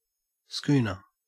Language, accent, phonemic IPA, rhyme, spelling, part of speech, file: English, Australia, /skuːnə(ɹ)/, -uːnə(ɹ), schooner, noun, En-au-schooner.ogg
- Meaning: 1. A sailing ship with two or more masts, all with fore-and-aft sails; if two masted, having a foremast and a mainmast 2. A glass for drinking a large measure of sherry